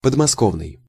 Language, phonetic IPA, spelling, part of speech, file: Russian, [pədmɐˈskovnɨj], подмосковный, adjective, Ru-подмосковный.ogg
- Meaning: situated near Moscow